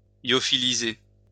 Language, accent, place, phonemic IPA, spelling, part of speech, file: French, France, Lyon, /ljɔ.fi.li.ze/, lyophiliser, verb, LL-Q150 (fra)-lyophiliser.wav
- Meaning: to lyophilize